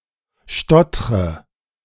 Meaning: inflection of stottern: 1. first-person singular present 2. first/third-person singular subjunctive I 3. singular imperative
- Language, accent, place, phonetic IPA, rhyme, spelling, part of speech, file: German, Germany, Berlin, [ˈʃtɔtʁə], -ɔtʁə, stottre, verb, De-stottre.ogg